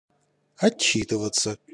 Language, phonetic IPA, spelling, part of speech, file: Russian, [ɐˈt͡ɕːitɨvət͡sə], отчитываться, verb, Ru-отчитываться.ogg
- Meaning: 1. to report, to give a report 2. to give an account